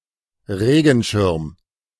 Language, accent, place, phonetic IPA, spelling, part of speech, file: German, Germany, Berlin, [ˈʁeːɡn̩ʃɪɐ̯m], Regenschirm, noun, De-Regenschirm.ogg
- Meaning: umbrella (used for protection against rain)